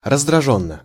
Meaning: with irritation, in an irritated manner
- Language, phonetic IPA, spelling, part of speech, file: Russian, [rəzdrɐˈʐonːə], раздражённо, adverb, Ru-раздражённо.ogg